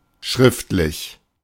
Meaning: written
- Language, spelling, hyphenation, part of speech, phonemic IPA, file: German, schriftlich, schrift‧lich, adjective, /ˈʃʁɪftlɪç/, De-schriftlich.oga